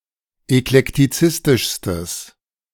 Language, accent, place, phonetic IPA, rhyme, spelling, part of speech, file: German, Germany, Berlin, [ɛklɛktiˈt͡sɪstɪʃstəs], -ɪstɪʃstəs, eklektizistischstes, adjective, De-eklektizistischstes.ogg
- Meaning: strong/mixed nominative/accusative neuter singular superlative degree of eklektizistisch